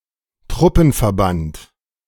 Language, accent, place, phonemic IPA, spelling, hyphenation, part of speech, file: German, Germany, Berlin, /ˈtʁʊpənfɛɐ̯ˌbant/, Truppenverband, Trup‧pen‧ver‧band, noun, De-Truppenverband.ogg
- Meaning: 1. military unit, task force 2. battle unit 3. forces, troops